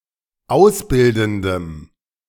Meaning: strong dative masculine/neuter singular of ausbildend
- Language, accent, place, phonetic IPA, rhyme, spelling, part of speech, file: German, Germany, Berlin, [ˈaʊ̯sˌbɪldn̩dəm], -aʊ̯sbɪldn̩dəm, ausbildendem, adjective, De-ausbildendem.ogg